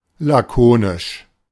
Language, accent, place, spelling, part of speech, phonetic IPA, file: German, Germany, Berlin, lakonisch, adjective, [laˈkoːnɪʃ], De-lakonisch.ogg
- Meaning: laconic (using as few words as possible to communicate much information)